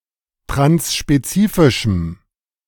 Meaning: strong dative masculine/neuter singular of transspezifisch
- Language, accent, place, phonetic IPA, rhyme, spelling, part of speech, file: German, Germany, Berlin, [tʁansʃpeˈt͡siːfɪʃm̩], -iːfɪʃm̩, transspezifischem, adjective, De-transspezifischem.ogg